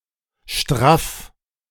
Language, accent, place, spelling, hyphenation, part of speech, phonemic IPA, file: German, Germany, Berlin, straff, straff, adjective, /ʃtʁaf/, De-straff.ogg
- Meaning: tight, firm, of an object that could also be slack